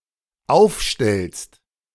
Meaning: second-person singular dependent present of aufstellen
- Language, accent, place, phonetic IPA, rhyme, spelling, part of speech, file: German, Germany, Berlin, [ˈaʊ̯fˌʃtɛlst], -aʊ̯fʃtɛlst, aufstellst, verb, De-aufstellst.ogg